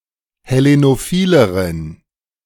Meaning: inflection of hellenophil: 1. strong genitive masculine/neuter singular comparative degree 2. weak/mixed genitive/dative all-gender singular comparative degree
- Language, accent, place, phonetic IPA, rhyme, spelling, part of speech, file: German, Germany, Berlin, [hɛˌlenoˈfiːləʁən], -iːləʁən, hellenophileren, adjective, De-hellenophileren.ogg